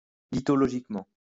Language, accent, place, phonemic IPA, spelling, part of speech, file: French, France, Lyon, /li.tɔ.lɔ.ʒik.mɑ̃/, lithologiquement, adverb, LL-Q150 (fra)-lithologiquement.wav
- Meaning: lithologically